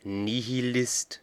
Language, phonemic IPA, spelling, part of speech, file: German, /nihiˈlɪst/, Nihilist, noun, De-Nihilist.ogg
- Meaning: nihilist (person)